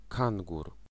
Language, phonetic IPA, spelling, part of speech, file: Polish, [ˈkãŋɡur], kangur, noun, Pl-kangur.ogg